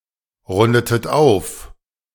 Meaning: inflection of aufrunden: 1. second-person plural preterite 2. second-person plural subjunctive II
- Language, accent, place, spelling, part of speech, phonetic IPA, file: German, Germany, Berlin, rundetet auf, verb, [ˌʁʊndətət ˈaʊ̯f], De-rundetet auf.ogg